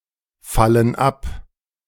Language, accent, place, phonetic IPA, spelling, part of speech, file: German, Germany, Berlin, [ˌfalən ˈap], fallen ab, verb, De-fallen ab.ogg
- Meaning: inflection of abfallen: 1. first/third-person plural present 2. first/third-person plural subjunctive I